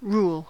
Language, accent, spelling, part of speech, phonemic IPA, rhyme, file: English, US, rule, noun / verb, /ɹul/, -uːl, En-us-rule.ogg
- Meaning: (noun) 1. A regulation, law, guideline 2. A regulating principle 3. The act of ruling; administration of law; government; empire; authority; control 4. A normal condition or state of affairs